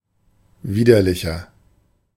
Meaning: 1. comparative degree of widerlich 2. inflection of widerlich: strong/mixed nominative masculine singular 3. inflection of widerlich: strong genitive/dative feminine singular
- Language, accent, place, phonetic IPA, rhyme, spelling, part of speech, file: German, Germany, Berlin, [ˈviːdɐlɪçɐ], -iːdɐlɪçɐ, widerlicher, adjective, De-widerlicher.ogg